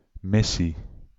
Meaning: 1. mission, task 2. mission (proselytisation)
- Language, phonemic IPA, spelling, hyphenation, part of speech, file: Dutch, /ˈmɪ.si/, missie, mis‧sie, noun, Nl-missie.ogg